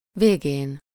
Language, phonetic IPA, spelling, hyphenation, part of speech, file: Hungarian, [ˈveːɡeːn], végén, vé‧gén, noun, Hu-végén.ogg
- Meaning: superessive singular of vége